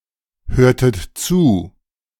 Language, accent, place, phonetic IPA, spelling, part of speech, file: German, Germany, Berlin, [ˌhøːɐ̯tət ˈt͡suː], hörtet zu, verb, De-hörtet zu.ogg
- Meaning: inflection of zuhören: 1. second-person plural preterite 2. second-person plural subjunctive II